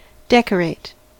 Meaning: 1. To furnish with decorations 2. To improve the appearance of an interior of, as a house, room, or office 3. To honor by providing a medal, ribbon, or other adornment
- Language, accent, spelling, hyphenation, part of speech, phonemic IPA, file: English, US, decorate, dec‧or‧ate, verb, /ˈdɛkəɹeɪt/, En-us-decorate.ogg